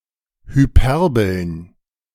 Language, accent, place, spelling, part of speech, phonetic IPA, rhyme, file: German, Germany, Berlin, Hyperbeln, noun, [hyˈpɛʁbl̩n], -ɛʁbl̩n, De-Hyperbeln.ogg
- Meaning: plural of Hyperbel